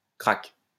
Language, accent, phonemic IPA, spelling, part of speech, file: French, France, /kʁak/, craque, verb / noun, LL-Q150 (fra)-craque.wav
- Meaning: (verb) inflection of craquer: 1. first/third-person singular present indicative/subjunctive 2. second-person singular imperative; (noun) fib